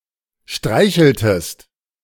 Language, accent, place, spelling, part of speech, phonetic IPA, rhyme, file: German, Germany, Berlin, streicheltest, verb, [ˈʃtʁaɪ̯çl̩təst], -aɪ̯çl̩təst, De-streicheltest.ogg
- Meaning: inflection of streicheln: 1. second-person singular preterite 2. second-person singular subjunctive II